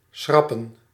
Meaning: 1. to cross out 2. to cancel, to annul 3. to remove or discard, to scrap
- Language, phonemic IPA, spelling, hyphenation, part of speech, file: Dutch, /ˈsxrɑ.pə(n)/, schrappen, schrap‧pen, verb, Nl-schrappen.ogg